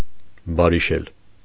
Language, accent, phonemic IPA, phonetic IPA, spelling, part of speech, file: Armenian, Eastern Armenian, /bɑɾiˈʃel/, [bɑɾiʃél], բարիշել, verb, Hy-բարիշել.ogg
- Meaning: 1. to make one's peace (with), to be reconciled (with) 2. to come to an agreement (especially around a price)